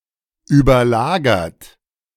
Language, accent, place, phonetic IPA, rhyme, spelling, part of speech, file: German, Germany, Berlin, [yːbɐˈlaːɡɐt], -aːɡɐt, überlagert, verb, De-überlagert.ogg
- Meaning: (verb) past participle of überlagern; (adjective) 1. superimposed 2. overlaid 3. multiplexed